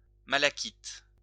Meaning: malachite
- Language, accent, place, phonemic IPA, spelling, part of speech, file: French, France, Lyon, /ma.la.kit/, malachite, noun, LL-Q150 (fra)-malachite.wav